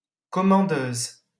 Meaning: female equivalent of commandeur: female commander
- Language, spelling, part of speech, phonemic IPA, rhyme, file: French, commandeuse, noun, /kɔ.mɑ̃.døz/, -øz, LL-Q150 (fra)-commandeuse.wav